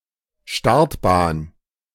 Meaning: runway
- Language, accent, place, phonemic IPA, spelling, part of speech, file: German, Germany, Berlin, /ˈʃtaʁtbaːn/, Startbahn, noun, De-Startbahn.ogg